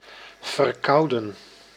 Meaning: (adjective) having a cold; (verb) 1. to cool, chill, to make or become cold 2. to catch a cold
- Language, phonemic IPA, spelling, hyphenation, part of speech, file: Dutch, /vərˈkɑu̯.də(n)/, verkouden, ver‧kou‧den, adjective / verb, Nl-verkouden.ogg